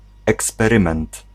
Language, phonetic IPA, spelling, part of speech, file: Polish, [ˌɛkspɛˈrɨ̃mɛ̃nt], eksperyment, noun, Pl-eksperyment.ogg